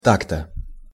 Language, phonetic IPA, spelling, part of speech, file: Russian, [ˈtak‿tə], так-то, adverb, Ru-так-то.ogg
- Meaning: so